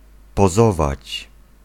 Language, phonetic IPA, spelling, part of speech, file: Polish, [pɔˈzɔvat͡ɕ], pozować, verb, Pl-pozować.ogg